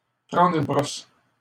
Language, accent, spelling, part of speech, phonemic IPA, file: French, Canada, prendre une brosse, verb, /pʁɑ̃.dʁ‿yn bʁɔs/, LL-Q150 (fra)-prendre une brosse.wav
- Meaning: to get wasted, drunk, smashed